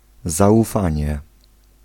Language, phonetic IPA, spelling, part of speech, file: Polish, [ˌzaʷuˈfãɲɛ], zaufanie, noun, Pl-zaufanie.ogg